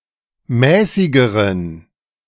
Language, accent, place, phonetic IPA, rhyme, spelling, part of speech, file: German, Germany, Berlin, [ˈmɛːsɪɡəʁən], -ɛːsɪɡəʁən, mäßigeren, adjective, De-mäßigeren.ogg
- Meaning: inflection of mäßig: 1. strong genitive masculine/neuter singular comparative degree 2. weak/mixed genitive/dative all-gender singular comparative degree